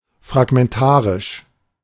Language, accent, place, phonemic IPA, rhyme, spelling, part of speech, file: German, Germany, Berlin, /fʁaɡmɛnˈtaːʁɪʃ/, -aːʁɪʃ, fragmentarisch, adjective, De-fragmentarisch.ogg
- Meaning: fragmentary